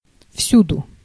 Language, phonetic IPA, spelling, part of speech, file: Russian, [ˈfsʲudʊ], всюду, adverb, Ru-всюду.ogg
- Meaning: everywhere, anywhere